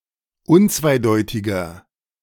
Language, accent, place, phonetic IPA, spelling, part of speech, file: German, Germany, Berlin, [ˈʊnt͡svaɪ̯ˌdɔɪ̯tɪɡɐ], unzweideutiger, adjective, De-unzweideutiger.ogg
- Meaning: 1. comparative degree of unzweideutig 2. inflection of unzweideutig: strong/mixed nominative masculine singular 3. inflection of unzweideutig: strong genitive/dative feminine singular